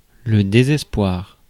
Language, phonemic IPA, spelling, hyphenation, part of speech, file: French, /de.zɛs.pwaʁ/, désespoir, dé‧ses‧poir, noun, Fr-désespoir.ogg
- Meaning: despair